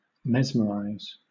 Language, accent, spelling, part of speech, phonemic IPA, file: English, Southern England, mesmerize, verb, /ˈmɛzməɹaɪz/, LL-Q1860 (eng)-mesmerize.wav
- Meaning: 1. To exercise mesmerism on; to affect another person, such as to heal or soothe, through the use of animal magnetism 2. To spellbind; to enthrall